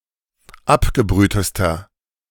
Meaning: inflection of abgebrüht: 1. strong/mixed nominative masculine singular superlative degree 2. strong genitive/dative feminine singular superlative degree 3. strong genitive plural superlative degree
- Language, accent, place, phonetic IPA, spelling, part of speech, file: German, Germany, Berlin, [ˈapɡəˌbʁyːtəstɐ], abgebrühtester, adjective, De-abgebrühtester.ogg